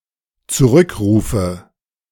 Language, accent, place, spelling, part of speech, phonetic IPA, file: German, Germany, Berlin, zurückrufe, verb, [t͡suˈʁʏkˌʁuːfə], De-zurückrufe.ogg
- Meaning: inflection of zurückrufen: 1. first-person singular dependent present 2. first/third-person singular dependent subjunctive I